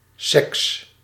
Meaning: sex (sexual intercourse)
- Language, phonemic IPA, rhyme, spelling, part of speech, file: Dutch, /sɛks/, -ɛks, seks, noun, Nl-seks.ogg